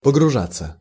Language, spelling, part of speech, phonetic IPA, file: Russian, погружаться, verb, [pəɡrʊˈʐat͡sːə], Ru-погружаться.ogg
- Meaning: 1. to sink, to be submerged, (intransitive) to plunge (into) 2. to be immersed, to plunged, to absorbed (into a condition, thought, work, etc.) 3. to take cargo 4. to pile into (of many people)